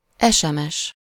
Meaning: SMS, text message (a service for sending text messages on a cellular telephone system)
- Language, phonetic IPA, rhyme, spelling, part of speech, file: Hungarian, [ˈɛʃɛmɛʃ], -ɛʃ, SMS, noun, Hu-SMS.ogg